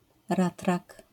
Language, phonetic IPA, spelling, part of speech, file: Polish, [ˈratrak], ratrak, noun, LL-Q809 (pol)-ratrak.wav